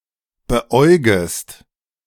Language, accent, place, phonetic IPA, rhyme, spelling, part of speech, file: German, Germany, Berlin, [bəˈʔɔɪ̯ɡəst], -ɔɪ̯ɡəst, beäugest, verb, De-beäugest.ogg
- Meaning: second-person singular subjunctive I of beäugen